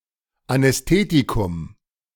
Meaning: anaesthetic (substance)
- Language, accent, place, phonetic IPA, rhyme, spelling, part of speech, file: German, Germany, Berlin, [anɛsˈteːtikʊm], -eːtikʊm, Anästhetikum, noun, De-Anästhetikum.ogg